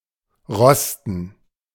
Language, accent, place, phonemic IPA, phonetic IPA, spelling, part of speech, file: German, Germany, Berlin, /ˈʁɔstən/, [ˈʁɔstn̩], rosten, verb, De-rosten.ogg
- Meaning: to rust